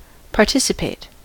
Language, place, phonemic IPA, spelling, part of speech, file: English, California, /pɑɹˈtɪs.əˌpeɪt/, participate, verb / adjective, En-us-participate.ogg
- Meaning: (verb) 1. To join in, to take part, to involve oneself (in something) 2. To share, to take part in (something) 3. To share (something) with others; to transfer (something) to or unto others